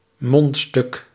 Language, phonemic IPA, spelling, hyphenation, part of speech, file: Dutch, /ˈmɔnt.stʏk/, mondstuk, mond‧stuk, noun, Nl-mondstuk.ogg
- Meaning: a mouthpiece (of e.g. a medical or musical instrument)